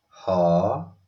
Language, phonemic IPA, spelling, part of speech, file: Odia, /hɔ/, ହ, character, Or-ହ.oga
- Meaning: The forty-ninth character in the Odia abugida